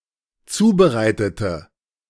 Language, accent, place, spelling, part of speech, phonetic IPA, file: German, Germany, Berlin, zubereitete, adjective / verb, [ˈt͡suːbəˌʁaɪ̯tətə], De-zubereitete.ogg
- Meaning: inflection of zubereiten: 1. first/third-person singular dependent preterite 2. first/third-person singular dependent subjunctive II